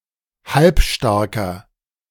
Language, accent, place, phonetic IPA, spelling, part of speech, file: German, Germany, Berlin, [ˈhalpˌʃtaʁkɐ], halbstarker, adjective, De-halbstarker.ogg
- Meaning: inflection of halbstark: 1. strong/mixed nominative masculine singular 2. strong genitive/dative feminine singular 3. strong genitive plural